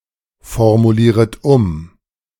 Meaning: second-person plural subjunctive I of umformulieren
- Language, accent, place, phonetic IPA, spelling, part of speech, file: German, Germany, Berlin, [fɔʁmuˌliːʁət ˈʊm], formulieret um, verb, De-formulieret um.ogg